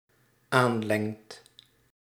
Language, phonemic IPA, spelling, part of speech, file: Dutch, /ˈanlɛŋt/, aanlengt, verb, Nl-aanlengt.ogg
- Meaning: second/third-person singular dependent-clause present indicative of aanlengen